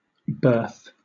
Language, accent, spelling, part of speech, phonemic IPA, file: English, Southern England, berth, noun / verb, /bɜːθ/, LL-Q1860 (eng)-berth.wav